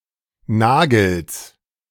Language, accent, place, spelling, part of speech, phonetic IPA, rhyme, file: German, Germany, Berlin, Nagels, noun, [ˈnaːɡl̩s], -aːɡl̩s, De-Nagels.ogg
- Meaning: genitive singular of Nagel